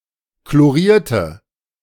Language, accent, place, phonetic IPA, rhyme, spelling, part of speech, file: German, Germany, Berlin, [kloˈʁiːɐ̯tə], -iːɐ̯tə, chlorierte, adjective / verb, De-chlorierte.ogg
- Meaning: inflection of chloriert: 1. strong/mixed nominative/accusative feminine singular 2. strong nominative/accusative plural 3. weak nominative all-gender singular